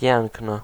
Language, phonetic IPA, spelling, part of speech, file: Polish, [ˈpʲjɛ̃ŋknɨ], piękny, adjective, Pl-piękny.ogg